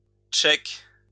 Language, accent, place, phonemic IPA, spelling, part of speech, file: French, France, Lyon, /ʃɛk/, cheik, noun, LL-Q150 (fra)-cheik.wav
- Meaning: sheik